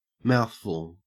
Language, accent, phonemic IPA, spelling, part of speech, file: English, Australia, /ˈmaʊθfʊl/, mouthful, noun / adjective, En-au-mouthful.ogg
- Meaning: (noun) 1. The amount that will fit in a mouth 2. Quite a bit 3. Something difficult to pronounce or say 4. A tirade of abusive language; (adjective) Bombastic or awkward